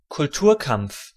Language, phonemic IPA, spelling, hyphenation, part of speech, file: German, /kʊlˈtuːɐ̯ˌkamp͡f/, Kulturkampf, Kul‧tur‧kampf, noun, De-Kulturkampf.ogg
- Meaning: 1. kulturkampf (conflict between secular and religious authorities in late 19th c. Germany and Switzerland) 2. culture war (contemporary conflict between different ideological groups)